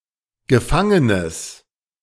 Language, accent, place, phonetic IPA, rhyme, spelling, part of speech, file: German, Germany, Berlin, [ɡəˈfaŋənəs], -aŋənəs, gefangenes, adjective, De-gefangenes.ogg
- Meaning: strong/mixed nominative/accusative neuter singular of gefangen